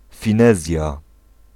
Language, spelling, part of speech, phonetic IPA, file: Polish, finezja, noun, [fʲĩˈnɛzʲja], Pl-finezja.ogg